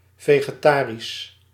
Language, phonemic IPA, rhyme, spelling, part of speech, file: Dutch, /ˌveː.ɣəˈtaː.ris/, -aːris, vegetarisch, adjective, Nl-vegetarisch.ogg
- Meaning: vegetarian (relating to the type of diet eaten by vegetarians)